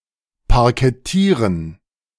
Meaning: to parquet
- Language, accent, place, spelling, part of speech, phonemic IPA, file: German, Germany, Berlin, parkettieren, verb, /paʁkɛˈtiːʁən/, De-parkettieren.ogg